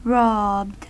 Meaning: simple past and past participle of rob
- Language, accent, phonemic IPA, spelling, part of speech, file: English, US, /ɹɑbd/, robbed, verb, En-us-robbed.ogg